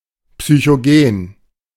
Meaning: psychogenic
- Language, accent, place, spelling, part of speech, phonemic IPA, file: German, Germany, Berlin, psychogen, adjective, /psyçoˈɡeːn/, De-psychogen.ogg